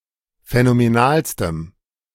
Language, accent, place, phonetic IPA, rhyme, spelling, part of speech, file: German, Germany, Berlin, [fɛnomeˈnaːlstəm], -aːlstəm, phänomenalstem, adjective, De-phänomenalstem.ogg
- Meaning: strong dative masculine/neuter singular superlative degree of phänomenal